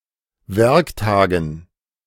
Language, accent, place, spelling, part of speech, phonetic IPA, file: German, Germany, Berlin, Werktagen, noun, [ˈvɛʁkˌtaːɡn̩], De-Werktagen.ogg
- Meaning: dative plural of Werktag